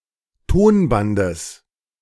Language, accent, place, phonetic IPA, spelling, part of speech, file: German, Germany, Berlin, [ˈtoːnˌbandəs], Tonbandes, noun, De-Tonbandes.ogg
- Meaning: genitive singular of Tonband